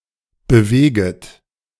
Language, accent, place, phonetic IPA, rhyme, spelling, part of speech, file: German, Germany, Berlin, [bəˈveːɡət], -eːɡət, beweget, verb, De-beweget.ogg
- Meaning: second-person plural subjunctive I of bewegen